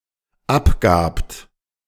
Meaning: second-person plural dependent preterite of abgeben
- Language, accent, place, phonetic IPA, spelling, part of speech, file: German, Germany, Berlin, [ˈapˌɡaːpt], abgabt, verb, De-abgabt.ogg